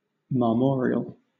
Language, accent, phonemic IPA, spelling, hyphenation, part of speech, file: English, Southern England, /mɑːˈmɔː.ɹɪ.əl/, marmoreal, mar‧mor‧e‧al, adjective, LL-Q1860 (eng)-marmoreal.wav
- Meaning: 1. Resembling marble or a marble statue; cold, smooth, white, etc.; marblelike 2. Made out of marble